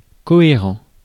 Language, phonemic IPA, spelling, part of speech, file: French, /kɔ.e.ʁɑ̃/, cohérent, adjective, Fr-cohérent.ogg
- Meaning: coherent